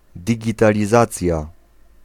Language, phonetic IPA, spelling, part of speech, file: Polish, [ˌdʲiɟitalʲiˈzat͡sʲja], digitalizacja, noun, Pl-digitalizacja.ogg